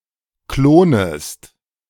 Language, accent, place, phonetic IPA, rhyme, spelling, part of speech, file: German, Germany, Berlin, [ˈkloːnəst], -oːnəst, klonest, verb, De-klonest.ogg
- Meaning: second-person singular subjunctive I of klonen